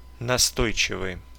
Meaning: 1. persistent 2. insistent
- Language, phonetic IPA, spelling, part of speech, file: Russian, [nɐˈstojt͡ɕɪvɨj], настойчивый, adjective, Ru-настойчивый.ogg